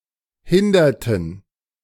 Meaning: inflection of hindern: 1. first/third-person plural preterite 2. first/third-person plural subjunctive II
- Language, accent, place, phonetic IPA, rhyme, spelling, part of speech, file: German, Germany, Berlin, [ˈhɪndɐtn̩], -ɪndɐtn̩, hinderten, verb, De-hinderten.ogg